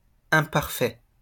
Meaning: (adjective) 1. imperfect, flawed 2. unaccomplished, incomplete; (noun) the past imperfect, the imperfect or continuous past tense
- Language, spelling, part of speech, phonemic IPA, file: French, imparfait, adjective / noun, /ɛ̃.paʁ.fɛ/, LL-Q150 (fra)-imparfait.wav